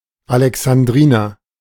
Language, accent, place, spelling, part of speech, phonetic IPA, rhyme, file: German, Germany, Berlin, Alexandriner, noun, [alɛksanˈdʁiːnɐ], -iːnɐ, De-Alexandriner.ogg
- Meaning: 1. an Alexandrian (a native or inhabitant of Alexandria) 2. alexandrine